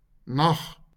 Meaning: 1. The period between sunset and sunrise, when the sky is dark; night 2. darkness
- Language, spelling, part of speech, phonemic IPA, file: Afrikaans, nag, noun, /naχ/, LL-Q14196 (afr)-nag.wav